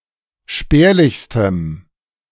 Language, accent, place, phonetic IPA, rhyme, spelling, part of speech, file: German, Germany, Berlin, [ˈʃpɛːɐ̯lɪçstəm], -ɛːɐ̯lɪçstəm, spärlichstem, adjective, De-spärlichstem.ogg
- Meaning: strong dative masculine/neuter singular superlative degree of spärlich